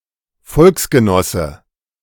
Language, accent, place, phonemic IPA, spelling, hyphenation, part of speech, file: German, Germany, Berlin, /ˈfɔlksɡəˌnɔsə/, Volksgenosse, Volks‧ge‧nos‧se, noun, De-Volksgenosse.ogg
- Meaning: 1. fellow countryman, compatriot 2. member of the German Volksgemeinschaft